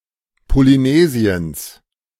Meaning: genitive singular of Polynesien
- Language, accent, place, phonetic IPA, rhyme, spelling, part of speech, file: German, Germany, Berlin, [poliˈneːzi̯əns], -eːzi̯əns, Polynesiens, noun, De-Polynesiens.ogg